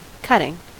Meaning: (noun) 1. The action of the verb to cut 2. A section removed from a larger whole 3. A section removed from a larger whole.: A newspaper clipping
- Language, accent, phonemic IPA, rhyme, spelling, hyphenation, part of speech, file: English, General American, /ˈkʌtɪŋ/, -ʌtɪŋ, cutting, cut‧ting, noun / adjective / verb, En-us-cutting.ogg